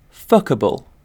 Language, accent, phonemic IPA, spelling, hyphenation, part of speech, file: English, UK, /ˈfʌkəbl̩/, fuckable, fu‧cka‧ble, adjective / noun, En-uk-fuckable.ogg
- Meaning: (adjective) Capable of, or suitable for, being fucked; sexually attractive; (noun) A sexually desirable person